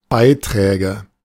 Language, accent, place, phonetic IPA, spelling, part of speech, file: German, Germany, Berlin, [ˈbaɪ̯ˌtʁɛːɡə], Beiträge, noun, De-Beiträge.ogg
- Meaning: nominative/accusative/genitive plural of Beitrag